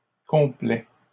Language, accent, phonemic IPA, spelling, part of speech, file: French, Canada, /kɔ̃.plɛ/, complais, verb, LL-Q150 (fra)-complais.wav
- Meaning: inflection of complaire: 1. first/second-person singular present indicative 2. second-person singular present imperative